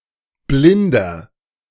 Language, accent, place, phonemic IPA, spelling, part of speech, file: German, Germany, Berlin, /ˈblɪndɐ/, blinder, adjective, De-blinder.ogg
- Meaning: 1. comparative degree of blind 2. inflection of blind: strong/mixed nominative masculine singular 3. inflection of blind: strong genitive/dative feminine singular